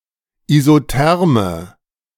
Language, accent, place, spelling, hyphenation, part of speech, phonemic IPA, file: German, Germany, Berlin, Isotherme, Iso‧ther‧me, noun, /izoˈtɛʁmə/, De-Isotherme.ogg
- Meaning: isotherm